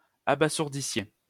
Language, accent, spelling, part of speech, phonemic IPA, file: French, France, abasourdissiez, verb, /a.ba.zuʁ.di.sje/, LL-Q150 (fra)-abasourdissiez.wav
- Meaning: inflection of abasourdir: 1. second-person plural imperfect indicative 2. second-person plural present/imperfect subjunctive